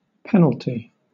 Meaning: 1. A legal sentence 2. A punishment for violating rules of procedure 3. A payment forfeited for an early withdrawal from an account or an investment
- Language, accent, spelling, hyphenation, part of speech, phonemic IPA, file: English, Southern England, penalty, pen‧al‧ty, noun, /ˈpɛn.əl.ti/, LL-Q1860 (eng)-penalty.wav